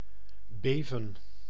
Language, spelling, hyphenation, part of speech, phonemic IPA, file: Dutch, beven, be‧ven, verb, /ˈbeːvə(n)/, Nl-beven.ogg
- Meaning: to shake, to shiver, to tremble